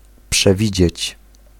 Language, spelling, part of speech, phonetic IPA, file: Polish, przewidzieć, verb, [pʃɛˈvʲid͡ʑɛ̇t͡ɕ], Pl-przewidzieć.ogg